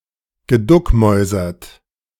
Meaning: past participle of duckmäusern
- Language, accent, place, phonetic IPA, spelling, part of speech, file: German, Germany, Berlin, [ɡəˈdʊkˌmɔɪ̯zɐt], geduckmäusert, verb, De-geduckmäusert.ogg